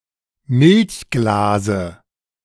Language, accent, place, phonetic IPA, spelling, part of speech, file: German, Germany, Berlin, [ˈmɪlçˌɡlaːzə], Milchglase, noun, De-Milchglase.ogg
- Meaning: dative singular of Milchglas